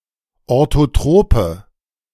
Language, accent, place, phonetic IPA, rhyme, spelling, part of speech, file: German, Germany, Berlin, [ˌoʁtoˈtʁoːpə], -oːpə, orthotrope, adjective, De-orthotrope.ogg
- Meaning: inflection of orthotrop: 1. strong/mixed nominative/accusative feminine singular 2. strong nominative/accusative plural 3. weak nominative all-gender singular